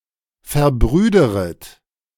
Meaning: second-person plural subjunctive I of verbrüdern
- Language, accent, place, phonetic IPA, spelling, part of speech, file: German, Germany, Berlin, [fɛɐ̯ˈbʁyːdəʁət], verbrüderet, verb, De-verbrüderet.ogg